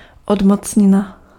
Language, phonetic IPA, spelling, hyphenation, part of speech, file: Czech, [ˈodmot͡sɲɪna], odmocnina, od‧moc‧ni‧na, noun, Cs-odmocnina.ogg
- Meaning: root